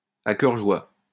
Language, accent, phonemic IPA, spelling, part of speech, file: French, France, /a kœʁ ʒwa/, à cœur joie, adverb, LL-Q150 (fra)-à cœur joie.wav
- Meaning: to one's heart's content